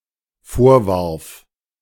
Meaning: first/third-person singular dependent preterite of vorwerfen
- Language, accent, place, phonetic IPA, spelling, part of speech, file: German, Germany, Berlin, [ˈfoːɐ̯ˌvaʁf], vorwarf, verb, De-vorwarf.ogg